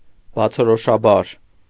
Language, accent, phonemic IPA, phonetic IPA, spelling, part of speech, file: Armenian, Eastern Armenian, /bɑt͡sʰoɾoʃɑˈbɑɾ/, [bɑt͡sʰoɾoʃɑbɑ́ɾ], բացորոշաբար, adverb, Hy-բացորոշաբար.ogg
- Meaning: obviously, clearly, evidently